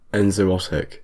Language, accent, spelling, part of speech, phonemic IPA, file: English, UK, enzootic, noun / adjective, /ɛn.zoʊˈɒt.ɪk/, En-uk-enzootic.ogg
- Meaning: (noun) A disease that is consistently prevalent in a population of non-human animals in a limited region, season, or climate; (adjective) Like or having to do with an enzootic